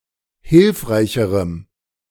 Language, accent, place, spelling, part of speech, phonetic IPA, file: German, Germany, Berlin, hilfreicherem, adjective, [ˈhɪlfʁaɪ̯çəʁəm], De-hilfreicherem.ogg
- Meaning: strong dative masculine/neuter singular comparative degree of hilfreich